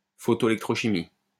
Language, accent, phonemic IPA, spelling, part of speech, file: French, France, /fɔ.to.e.lɛk.tʁo.ʃi.mik/, photoélectrochimique, adjective, LL-Q150 (fra)-photoélectrochimique.wav
- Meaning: photoelectrochemical